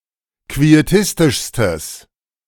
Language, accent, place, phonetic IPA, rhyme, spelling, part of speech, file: German, Germany, Berlin, [kvieˈtɪstɪʃstəs], -ɪstɪʃstəs, quietistischstes, adjective, De-quietistischstes.ogg
- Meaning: strong/mixed nominative/accusative neuter singular superlative degree of quietistisch